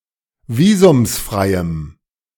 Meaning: strong dative masculine/neuter singular of visumsfrei
- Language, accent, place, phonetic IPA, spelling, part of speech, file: German, Germany, Berlin, [ˈviːzʊmsˌfʁaɪ̯əm], visumsfreiem, adjective, De-visumsfreiem.ogg